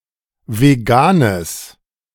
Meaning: strong/mixed nominative/accusative neuter singular of vegan
- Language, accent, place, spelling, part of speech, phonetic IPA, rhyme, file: German, Germany, Berlin, veganes, adjective, [veˈɡaːnəs], -aːnəs, De-veganes.ogg